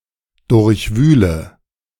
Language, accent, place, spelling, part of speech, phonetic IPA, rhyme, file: German, Germany, Berlin, durchwühle, verb, [ˌdʊʁçˈvyːlə], -yːlə, De-durchwühle.ogg
- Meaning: inflection of durchwühlen: 1. first-person singular present 2. singular imperative 3. first/third-person singular subjunctive I